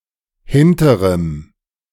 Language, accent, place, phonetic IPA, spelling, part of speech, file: German, Germany, Berlin, [ˈhɪntəʁəm], hinterem, adjective, De-hinterem.ogg
- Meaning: strong dative masculine/neuter singular of hinterer